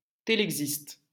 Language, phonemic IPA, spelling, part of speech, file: French, /te.lɛk.sist/, télexiste, noun, LL-Q150 (fra)-télexiste.wav
- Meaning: telex operator